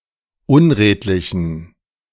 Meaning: inflection of unredlich: 1. strong genitive masculine/neuter singular 2. weak/mixed genitive/dative all-gender singular 3. strong/weak/mixed accusative masculine singular 4. strong dative plural
- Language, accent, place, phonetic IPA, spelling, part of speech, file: German, Germany, Berlin, [ˈʊnˌʁeːtlɪçn̩], unredlichen, adjective, De-unredlichen.ogg